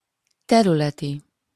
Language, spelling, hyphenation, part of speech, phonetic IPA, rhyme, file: Hungarian, területi, te‧rü‧le‧ti, adjective, [ˈtɛrylɛti], -ti, Hu-területi.opus
- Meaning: territorial, regional